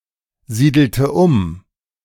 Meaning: inflection of umsiedeln: 1. first/third-person singular preterite 2. first/third-person singular subjunctive II
- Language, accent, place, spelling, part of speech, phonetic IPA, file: German, Germany, Berlin, siedelte um, verb, [ˌziːdl̩tə ˈʊm], De-siedelte um.ogg